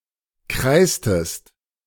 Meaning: inflection of kreißen: 1. second-person singular preterite 2. second-person singular subjunctive II
- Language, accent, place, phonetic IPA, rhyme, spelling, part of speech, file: German, Germany, Berlin, [ˈkʁaɪ̯stəst], -aɪ̯stəst, kreißtest, verb, De-kreißtest.ogg